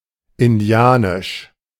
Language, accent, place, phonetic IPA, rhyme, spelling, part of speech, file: German, Germany, Berlin, [ɪnˈdi̯aːnɪʃ], -aːnɪʃ, indianisch, adjective, De-indianisch.ogg
- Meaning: Indian (of or relating to, the aboriginal people of the Americas)